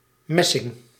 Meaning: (adjective) brazen, made of brass; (noun) brass
- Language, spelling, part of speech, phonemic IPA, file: Dutch, messing, adjective / noun, /ˈmɛ.sɪŋ/, Nl-messing.ogg